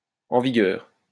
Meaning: 1. in force (of law, rule) 2. current (regime, conditions, etc.)
- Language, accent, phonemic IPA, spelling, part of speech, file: French, France, /ɑ̃ vi.ɡœʁ/, en vigueur, adjective, LL-Q150 (fra)-en vigueur.wav